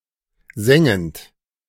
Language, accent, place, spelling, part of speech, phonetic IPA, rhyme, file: German, Germany, Berlin, sengend, verb, [ˈzɛŋənt], -ɛŋənt, De-sengend.ogg
- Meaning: present participle of sengen